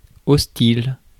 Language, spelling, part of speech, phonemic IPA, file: French, hostile, adjective, /ɔs.til/, Fr-hostile.ogg
- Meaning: 1. hostile 2. unfriendly